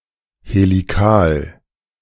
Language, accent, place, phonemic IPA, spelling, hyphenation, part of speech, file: German, Germany, Berlin, /heliˈkaːl/, helikal, he‧li‧kal, adjective, De-helikal.ogg
- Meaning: helical